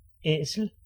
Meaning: ass, donkey, Equus asinus
- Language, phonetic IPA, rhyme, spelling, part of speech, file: Danish, [ˈɛˀsəl], -ɛˀsəl, æsel, noun, Da-æsel.ogg